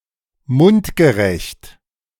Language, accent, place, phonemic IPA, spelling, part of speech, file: German, Germany, Berlin, /ˈmʊntɡəˌʁɛçt/, mundgerecht, adjective, De-mundgerecht.ogg
- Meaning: bite-sized